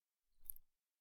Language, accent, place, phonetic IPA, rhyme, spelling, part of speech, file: German, Germany, Berlin, [ˈʃʁoːtn̩], -oːtn̩, Schroten, noun, De-Schroten.ogg
- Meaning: dative plural of Schrot